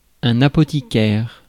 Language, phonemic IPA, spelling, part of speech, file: French, /a.pɔ.ti.kɛʁ/, apothicaire, noun, Fr-apothicaire.ogg
- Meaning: apothecary